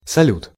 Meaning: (noun) 1. fireworks 2. salute 3. Salyut (Soviet space station); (interjection) 1. hello 2. bye
- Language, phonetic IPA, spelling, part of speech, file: Russian, [sɐˈlʲut], салют, noun / interjection, Ru-салют.ogg